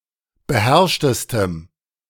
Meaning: strong dative masculine/neuter singular superlative degree of beherrscht
- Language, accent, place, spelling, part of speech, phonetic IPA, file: German, Germany, Berlin, beherrschtestem, adjective, [bəˈhɛʁʃtəstəm], De-beherrschtestem.ogg